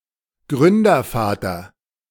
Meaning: founding father
- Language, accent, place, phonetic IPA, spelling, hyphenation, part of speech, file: German, Germany, Berlin, [ˈɡʁʏndɐˌfaːtɐ], Gründervater, Grün‧der‧va‧ter, noun, De-Gründervater.ogg